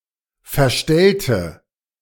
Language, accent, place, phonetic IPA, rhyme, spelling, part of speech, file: German, Germany, Berlin, [fɛɐ̯ˈʃtɛltə], -ɛltə, verstellte, adjective / verb, De-verstellte.ogg
- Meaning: inflection of verstellen: 1. first/third-person singular preterite 2. first/third-person singular subjunctive II